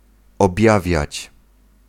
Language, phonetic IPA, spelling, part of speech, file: Polish, [ɔbʲˈjavʲjät͡ɕ], objawiać, verb, Pl-objawiać.ogg